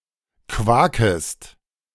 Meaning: second-person singular subjunctive I of quaken
- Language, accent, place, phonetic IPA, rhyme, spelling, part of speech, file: German, Germany, Berlin, [ˈkvaːkəst], -aːkəst, quakest, verb, De-quakest.ogg